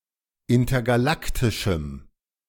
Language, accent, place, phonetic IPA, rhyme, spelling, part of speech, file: German, Germany, Berlin, [ˌɪntɐɡaˈlaktɪʃm̩], -aktɪʃm̩, intergalaktischem, adjective, De-intergalaktischem.ogg
- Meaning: strong dative masculine/neuter singular of intergalaktisch